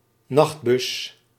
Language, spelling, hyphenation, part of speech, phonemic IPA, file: Dutch, nachtbus, nacht‧bus, noun, /ˈnɑxt.bʏs/, Nl-nachtbus.ogg
- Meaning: night bus (bus that operates at night)